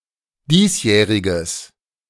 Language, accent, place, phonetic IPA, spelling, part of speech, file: German, Germany, Berlin, [ˈdiːsˌjɛːʁɪɡəs], diesjähriges, adjective, De-diesjähriges.ogg
- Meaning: strong/mixed nominative/accusative neuter singular of diesjährig